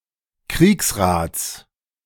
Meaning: genitive singular of Kriegsrat
- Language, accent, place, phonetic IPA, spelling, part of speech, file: German, Germany, Berlin, [ˈkʁiːksˌʁaːt͡s], Kriegsrats, noun, De-Kriegsrats.ogg